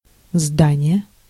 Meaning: building, edifice, structure
- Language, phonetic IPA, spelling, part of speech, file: Russian, [ˈzdanʲɪje], здание, noun, Ru-здание.ogg